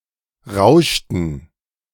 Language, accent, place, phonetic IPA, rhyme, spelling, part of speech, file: German, Germany, Berlin, [ˈʁaʊ̯ʃtn̩], -aʊ̯ʃtn̩, rauschten, verb, De-rauschten.ogg
- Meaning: inflection of rauschen: 1. first/third-person plural preterite 2. first/third-person plural subjunctive II